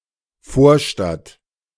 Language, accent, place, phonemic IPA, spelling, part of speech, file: German, Germany, Berlin, /ˈfoːɐ̯.ʃtat/, Vorstadt, noun, De-Vorstadt.ogg
- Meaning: suburb